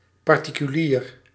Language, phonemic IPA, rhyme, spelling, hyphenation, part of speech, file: Dutch, /ˌpɑr.ti.kyˈliːr/, -iːr, particulier, par‧ti‧cu‧lier, adjective / noun, Nl-particulier.ogg
- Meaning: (adjective) private; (noun) 1. private individual 2. citizen, private citizen